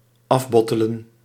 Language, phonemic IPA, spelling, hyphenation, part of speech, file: Dutch, /ˈɑfˌbɔ.tə.lə(n)/, afbottelen, af‧bot‧te‧len, verb, Nl-afbottelen.ogg
- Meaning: to bottle